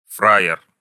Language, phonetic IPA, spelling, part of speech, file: Russian, [ˈfra(j)ɪr], фраер, noun, Ru-фраер.ogg
- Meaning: not a criminal person, a potential victim of a crime, any person (male); a person criminals may consider as deserving of respect, even if he doesn't belong to their group